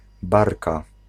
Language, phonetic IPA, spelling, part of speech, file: Polish, [ˈbarka], barka, noun, Pl-barka.ogg